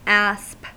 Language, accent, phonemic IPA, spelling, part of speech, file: English, US, /æsp/, asp, noun, En-us-asp.ogg
- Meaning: 1. A water snake 2. A venomous viper native to southwestern Europe (Vipera aspis) 3. The Egyptian cobra (Naja haje) 4. An evil person; a snake 5. A type of European fish (Aspius aspius)